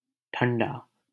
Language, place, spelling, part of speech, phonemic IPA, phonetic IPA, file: Hindi, Delhi, ठंडा, adjective / noun, /ʈʰəɳ.ɖɑː/, [ʈʰɐ̃ɳ.ɖäː], LL-Q1568 (hin)-ठंडा.wav
- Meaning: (adjective) 1. cold, chilly 2. extinguished; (noun) cold drink, soft drink, soda